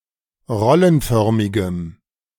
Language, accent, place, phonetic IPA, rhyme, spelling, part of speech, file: German, Germany, Berlin, [ˈʁɔlənˌfœʁmɪɡəm], -ɔlənfœʁmɪɡəm, rollenförmigem, adjective, De-rollenförmigem.ogg
- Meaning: strong dative masculine/neuter singular of rollenförmig